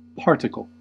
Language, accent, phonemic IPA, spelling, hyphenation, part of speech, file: English, General American, /ˈpɑɹtək(ə)l/, particle, part‧i‧cle, noun, En-us-particle.ogg
- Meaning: A very small piece of matter, a fragment; especially, the smallest possible part of something